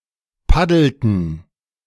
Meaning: inflection of paddeln: 1. first/third-person plural preterite 2. first/third-person plural subjunctive II
- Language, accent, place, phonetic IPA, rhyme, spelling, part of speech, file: German, Germany, Berlin, [ˈpadl̩tn̩], -adl̩tn̩, paddelten, verb, De-paddelten.ogg